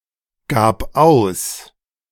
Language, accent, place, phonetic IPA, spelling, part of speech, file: German, Germany, Berlin, [ˌɡaːp ˈaʊ̯s], gab aus, verb, De-gab aus.ogg
- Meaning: first/third-person singular preterite of ausgeben